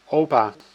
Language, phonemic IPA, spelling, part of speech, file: Dutch, /ˈopa/, opa, noun, Nl-opa.ogg
- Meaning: 1. granddad, grandpa, pops 2. any old man